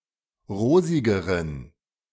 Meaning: inflection of rosig: 1. strong genitive masculine/neuter singular comparative degree 2. weak/mixed genitive/dative all-gender singular comparative degree
- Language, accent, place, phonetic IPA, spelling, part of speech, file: German, Germany, Berlin, [ˈʁoːzɪɡəʁən], rosigeren, adjective, De-rosigeren.ogg